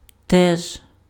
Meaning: also, too, as well, likewise
- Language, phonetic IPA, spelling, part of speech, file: Ukrainian, [tɛʒ], теж, adverb, Uk-теж.ogg